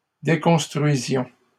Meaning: inflection of déconstruire: 1. first-person plural imperfect indicative 2. first-person plural present subjunctive
- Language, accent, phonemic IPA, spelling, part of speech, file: French, Canada, /de.kɔ̃s.tʁɥi.zjɔ̃/, déconstruisions, verb, LL-Q150 (fra)-déconstruisions.wav